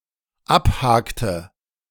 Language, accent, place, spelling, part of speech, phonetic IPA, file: German, Germany, Berlin, abhakte, verb, [ˈapˌhaːktə], De-abhakte.ogg
- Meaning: inflection of abhaken: 1. first/third-person singular dependent preterite 2. first/third-person singular dependent subjunctive II